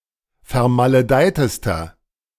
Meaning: inflection of vermaledeit: 1. strong/mixed nominative masculine singular superlative degree 2. strong genitive/dative feminine singular superlative degree 3. strong genitive plural superlative degree
- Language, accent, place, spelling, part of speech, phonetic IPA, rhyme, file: German, Germany, Berlin, vermaledeitester, adjective, [fɛɐ̯maləˈdaɪ̯təstɐ], -aɪ̯təstɐ, De-vermaledeitester.ogg